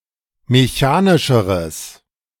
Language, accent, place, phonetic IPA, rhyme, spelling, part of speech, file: German, Germany, Berlin, [meˈçaːnɪʃəʁəs], -aːnɪʃəʁəs, mechanischeres, adjective, De-mechanischeres.ogg
- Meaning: strong/mixed nominative/accusative neuter singular comparative degree of mechanisch